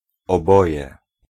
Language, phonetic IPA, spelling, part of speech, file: Polish, [ɔˈbɔjɛ], oboje, numeral / noun, Pl-oboje.ogg